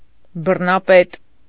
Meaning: despot, tyrant, dictator
- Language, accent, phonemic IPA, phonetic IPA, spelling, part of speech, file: Armenian, Eastern Armenian, /bərnɑˈpet/, [bərnɑpét], բռնապետ, noun, Hy-բռնապետ.ogg